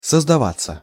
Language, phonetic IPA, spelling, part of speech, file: Russian, [səzdɐˈvat͡sːə], создаваться, verb, Ru-создаваться.ogg
- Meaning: 1. to form, to be created 2. passive of создава́ть (sozdavátʹ)